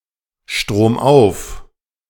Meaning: upstream
- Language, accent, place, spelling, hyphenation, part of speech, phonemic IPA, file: German, Germany, Berlin, stromauf, strom‧auf, adverb, /ʃtʁoːmˈʔaʊ̯f/, De-stromauf.ogg